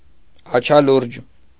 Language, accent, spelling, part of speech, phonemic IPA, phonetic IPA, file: Armenian, Eastern Armenian, աչալուրջ, adjective, /ɑt͡ʃʰɑˈluɾd͡ʒ/, [ɑt͡ʃʰɑlúɾd͡ʒ], Hy-աչալուրջ.ogg
- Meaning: careful, vigilant, open-eyed